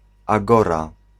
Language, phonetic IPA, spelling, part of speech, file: Polish, [aˈɡɔra], agora, noun, Pl-agora.ogg